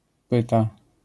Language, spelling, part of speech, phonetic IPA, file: Polish, pyta, noun / verb, [ˈpɨta], LL-Q809 (pol)-pyta.wav